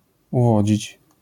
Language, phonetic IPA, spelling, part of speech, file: Polish, [uˈvɔd͡ʑit͡ɕ], uwodzić, verb, LL-Q809 (pol)-uwodzić.wav